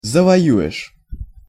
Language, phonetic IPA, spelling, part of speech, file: Russian, [zəvɐˈjʉ(j)ɪʂ], завоюешь, verb, Ru-завоюешь.ogg
- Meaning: second-person singular future indicative perfective of завоева́ть (zavojevátʹ)